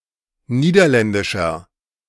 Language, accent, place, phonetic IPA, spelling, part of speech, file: German, Germany, Berlin, [ˈniːdɐˌlɛndɪʃɐ], niederländischer, adjective, De-niederländischer.ogg
- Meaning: inflection of niederländisch: 1. strong/mixed nominative masculine singular 2. strong genitive/dative feminine singular 3. strong genitive plural